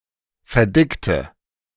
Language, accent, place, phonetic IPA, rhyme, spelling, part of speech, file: German, Germany, Berlin, [fɛɐ̯ˈdɪktə], -ɪktə, verdickte, adjective / verb, De-verdickte.ogg
- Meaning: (verb) inflection of verdickt: 1. strong/mixed nominative/accusative feminine singular 2. strong nominative/accusative plural 3. weak nominative all-gender singular